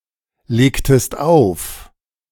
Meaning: inflection of auflegen: 1. second-person singular preterite 2. second-person singular subjunctive II
- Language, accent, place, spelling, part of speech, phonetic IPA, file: German, Germany, Berlin, legtest auf, verb, [ˌleːktəst ˈaʊ̯f], De-legtest auf.ogg